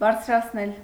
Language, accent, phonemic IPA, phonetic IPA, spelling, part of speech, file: Armenian, Eastern Armenian, /bɑɾt͡sʰɾɑt͡sʰˈnel/, [bɑɾt͡sʰɾɑt͡sʰnél], բարձրացնել, verb, Hy-բարձրացնել.ogg
- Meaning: causative of բարձրանալ (barjranal), to raise, heave, elevate